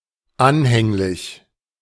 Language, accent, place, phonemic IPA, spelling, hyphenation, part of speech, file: German, Germany, Berlin, /ˈanhɛŋlɪç/, anhänglich, an‧häng‧lich, adjective, De-anhänglich.ogg
- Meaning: 1. devoted 2. clingy